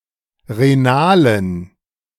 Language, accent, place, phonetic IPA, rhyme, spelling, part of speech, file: German, Germany, Berlin, [ʁeˈnaːlən], -aːlən, renalen, adjective, De-renalen.ogg
- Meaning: inflection of renal: 1. strong genitive masculine/neuter singular 2. weak/mixed genitive/dative all-gender singular 3. strong/weak/mixed accusative masculine singular 4. strong dative plural